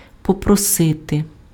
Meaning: to ask (for)
- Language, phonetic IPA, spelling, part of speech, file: Ukrainian, [pɔprɔˈsɪte], попросити, verb, Uk-попросити.ogg